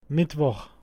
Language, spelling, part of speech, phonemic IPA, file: German, Mittwoch, noun, /ˈmɪtvɔx/, De-Mittwoch.oga
- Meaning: Wednesday